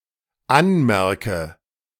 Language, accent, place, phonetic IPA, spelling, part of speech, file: German, Germany, Berlin, [ˈanˌmɛʁkə], anmerke, verb, De-anmerke.ogg
- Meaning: inflection of anmerken: 1. first-person singular dependent present 2. first/third-person singular dependent subjunctive I